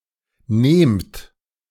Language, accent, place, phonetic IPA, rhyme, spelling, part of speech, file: German, Germany, Berlin, [neːmt], -eːmt, nehmt, verb, De-nehmt.ogg
- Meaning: inflection of nehmen: 1. second-person plural present 2. plural imperative